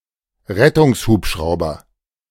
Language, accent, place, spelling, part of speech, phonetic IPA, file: German, Germany, Berlin, Rettungshubschrauber, noun, [ˈʁɛtʊŋsˌhuːpʃʁaʊ̯bɐ], De-Rettungshubschrauber.ogg
- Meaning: emergency rescue helicopter